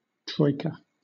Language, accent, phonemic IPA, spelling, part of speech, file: English, Southern England, /ˈtɹɔɪ.kə/, troika, noun, LL-Q1860 (eng)-troika.wav
- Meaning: 1. A Russian carriage drawn by a team of three horses abreast 2. A party or group of three, especially a ruling council of three people in Soviet or Russian contexts